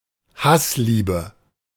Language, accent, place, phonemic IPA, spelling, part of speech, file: German, Germany, Berlin, /ˈhasˌliːbə/, Hassliebe, noun, De-Hassliebe.ogg
- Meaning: love-hate relationship